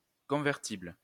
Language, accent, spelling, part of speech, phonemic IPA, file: French, France, convertible, adjective, /kɔ̃.vɛʁ.tibl/, LL-Q150 (fra)-convertible.wav
- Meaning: convertible (able to be converted)